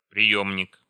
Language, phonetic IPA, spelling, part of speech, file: Russian, [prʲɪˈjɵmnʲɪk], приёмник, noun, Ru-приёмник .ogg
- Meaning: 1. receiver, receiving set 2. transducer 3. detector (radiation) 4. collector, receptacle, reservoir 5. container, vessel, flask, tank 6. pitot tube 7. ammunition feeder